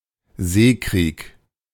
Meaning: 1. naval war 2. naval warfare
- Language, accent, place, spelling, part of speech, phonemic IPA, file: German, Germany, Berlin, Seekrieg, noun, /ˈzeːˌkʁiːk/, De-Seekrieg.ogg